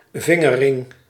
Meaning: a finger ring, designed to be worn on a finger
- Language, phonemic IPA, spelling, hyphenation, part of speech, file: Dutch, /ˈvɪŋəˌrɪŋ/, vingerring, vin‧ger‧ring, noun, Nl-vingerring.ogg